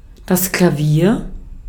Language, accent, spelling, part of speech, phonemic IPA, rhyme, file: German, Austria, Klavier, noun, /klaˈviːɐ̯/, -iːɐ̯, De-at-Klavier.ogg
- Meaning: piano